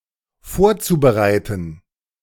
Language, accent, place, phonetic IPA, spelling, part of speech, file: German, Germany, Berlin, [ˈfoːɐ̯t͡subəˌʁaɪ̯tn̩], vorzubereiten, verb, De-vorzubereiten.ogg
- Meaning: zu-infinitive of vorbereiten